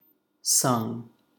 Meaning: 1. past participle of sing 2. simple past of sing
- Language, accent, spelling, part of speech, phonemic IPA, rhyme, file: English, US, sung, verb, /sʌŋ/, -ʌŋ, En-us-sung.ogg